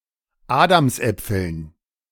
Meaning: dative plural of Adamsapfel
- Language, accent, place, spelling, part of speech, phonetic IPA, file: German, Germany, Berlin, Adamsäpfeln, noun, [ˈaːdamsˌʔɛp͡fl̩n], De-Adamsäpfeln.ogg